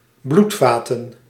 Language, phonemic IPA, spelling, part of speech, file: Dutch, /ˈblutfatə(n)/, bloedvaten, noun, Nl-bloedvaten.ogg
- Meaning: plural of bloedvat